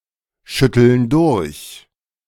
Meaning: inflection of durchschütteln: 1. first/third-person plural present 2. first/third-person plural subjunctive I
- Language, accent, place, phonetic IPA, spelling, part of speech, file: German, Germany, Berlin, [ˌʃʏtl̩n ˈdʊʁç], schütteln durch, verb, De-schütteln durch.ogg